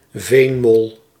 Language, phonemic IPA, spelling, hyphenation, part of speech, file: Dutch, /ˈveːn.mɔl/, veenmol, veen‧mol, noun, Nl-veenmol.ogg
- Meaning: mole cricket, insect of the family Gryllotalpidae